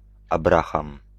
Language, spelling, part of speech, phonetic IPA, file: Polish, Abraham, proper noun, [abˈraxãm], Pl-Abraham.ogg